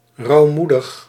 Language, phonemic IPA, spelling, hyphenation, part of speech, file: Dutch, /ˌrɑu̯ˈmu.dəx/, rouwmoedig, rouw‧moe‧dig, adjective, Nl-rouwmoedig.ogg
- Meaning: grieving, mourning